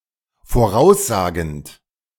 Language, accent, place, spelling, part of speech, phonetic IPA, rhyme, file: German, Germany, Berlin, voraussagend, verb, [foˈʁaʊ̯sˌzaːɡn̩t], -aʊ̯szaːɡn̩t, De-voraussagend.ogg
- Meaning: present participle of voraussagen